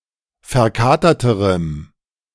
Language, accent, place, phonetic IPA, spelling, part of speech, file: German, Germany, Berlin, [fɛɐ̯ˈkaːtɐtəʁəm], verkaterterem, adjective, De-verkaterterem.ogg
- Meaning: strong dative masculine/neuter singular comparative degree of verkatert